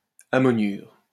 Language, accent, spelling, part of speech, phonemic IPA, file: French, France, ammoniure, noun, /a.mɔ.njyʁ/, LL-Q150 (fra)-ammoniure.wav
- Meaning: ammoniate